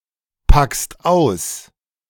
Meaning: second-person singular present of auspacken
- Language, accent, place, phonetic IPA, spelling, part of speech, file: German, Germany, Berlin, [ˌpakst ˈaʊ̯s], packst aus, verb, De-packst aus.ogg